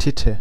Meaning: tit; boob (woman’s breast)
- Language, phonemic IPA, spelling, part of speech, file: German, /ˈtɪtə/, Titte, noun, De-Titte.ogg